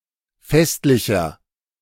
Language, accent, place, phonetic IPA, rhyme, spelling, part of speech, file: German, Germany, Berlin, [ˈfɛstlɪçɐ], -ɛstlɪçɐ, festlicher, adjective, De-festlicher.ogg
- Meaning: 1. comparative degree of festlich 2. inflection of festlich: strong/mixed nominative masculine singular 3. inflection of festlich: strong genitive/dative feminine singular